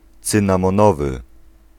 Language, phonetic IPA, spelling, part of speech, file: Polish, [ˌt͡sɨ̃nãmɔ̃ˈnɔvɨ], cynamonowy, adjective, Pl-cynamonowy.ogg